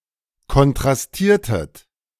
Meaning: inflection of kontrastieren: 1. second-person plural preterite 2. second-person plural subjunctive II
- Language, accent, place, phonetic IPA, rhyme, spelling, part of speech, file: German, Germany, Berlin, [kɔntʁasˈtiːɐ̯tət], -iːɐ̯tət, kontrastiertet, verb, De-kontrastiertet.ogg